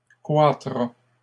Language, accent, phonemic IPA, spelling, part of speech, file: French, Canada, /kʁwa.tʁa/, croîtra, verb, LL-Q150 (fra)-croîtra.wav
- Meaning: third-person singular future of croître